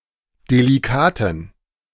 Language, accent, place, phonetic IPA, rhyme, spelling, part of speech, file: German, Germany, Berlin, [deliˈkaːtn̩], -aːtn̩, delikaten, adjective, De-delikaten.ogg
- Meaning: inflection of delikat: 1. strong genitive masculine/neuter singular 2. weak/mixed genitive/dative all-gender singular 3. strong/weak/mixed accusative masculine singular 4. strong dative plural